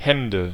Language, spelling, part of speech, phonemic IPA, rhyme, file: German, Hände, noun, /ˈhɛndə/, -ɛndə, De-Hände.ogg
- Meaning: 1. nominative plural of Hand 2. accusative plural of Hand 3. genitive plural of Hand